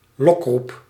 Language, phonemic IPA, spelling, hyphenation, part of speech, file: Dutch, /ˈlɔk.rup/, lokroep, lok‧roep, noun, Nl-lokroep.ogg
- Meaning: 1. a luring call 2. a lure, something that allures